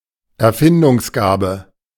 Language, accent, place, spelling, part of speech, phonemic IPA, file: German, Germany, Berlin, Erfindungsgabe, noun, /ɛɐ̯ˈfɪndʊŋsˌɡaːbə/, De-Erfindungsgabe.ogg
- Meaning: inventive talent, inventive genius, imaginative genius, ingenuity, ingeniousness, imagination